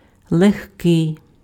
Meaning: 1. light, lightweight 2. easy, facile, slight
- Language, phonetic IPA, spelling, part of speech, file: Ukrainian, [ɫexˈkɪi̯], легкий, adjective, Uk-легкий.ogg